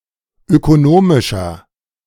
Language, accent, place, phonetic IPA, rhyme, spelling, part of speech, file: German, Germany, Berlin, [økoˈnoːmɪʃɐ], -oːmɪʃɐ, ökonomischer, adjective, De-ökonomischer.ogg
- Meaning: 1. comparative degree of ökonomisch 2. inflection of ökonomisch: strong/mixed nominative masculine singular 3. inflection of ökonomisch: strong genitive/dative feminine singular